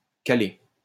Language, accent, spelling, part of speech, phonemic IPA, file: French, France, caler, verb, /ka.le/, LL-Q150 (fra)-caler.wav
- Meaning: 1. to wedge (open) (a door) 2. to jam (machinery etc.), to stall (an engine) 3. to stall (of driver, engine) 4. to fill (someone) up 5. (of person eating) to be full 6. to synchronize